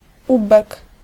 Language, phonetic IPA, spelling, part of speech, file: Polish, [ˈubɛk], ubek, noun, Pl-ubek.ogg